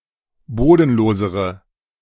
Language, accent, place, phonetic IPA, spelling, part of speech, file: German, Germany, Berlin, [ˈboːdn̩ˌloːzəʁə], bodenlosere, adjective, De-bodenlosere.ogg
- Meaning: inflection of bodenlos: 1. strong/mixed nominative/accusative feminine singular comparative degree 2. strong nominative/accusative plural comparative degree